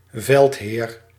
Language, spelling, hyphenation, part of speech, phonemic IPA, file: Dutch, veldheer, veld‧heer, noun, /ˈvɛlt.ɦeːr/, Nl-veldheer.ogg
- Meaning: warlord, general